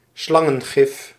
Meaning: snake venom (poison that a serpent administers through its fangs)
- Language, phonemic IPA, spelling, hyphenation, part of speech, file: Dutch, /ˈslɑ.ŋə(n)ˌɣɪf/, slangengif, slan‧gen‧gif, noun, Nl-slangengif.ogg